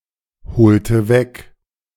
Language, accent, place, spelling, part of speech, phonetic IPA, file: German, Germany, Berlin, bezeichnendes, adjective, [bəˈt͡saɪ̯çnəndəs], De-bezeichnendes.ogg
- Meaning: strong/mixed nominative/accusative neuter singular of bezeichnend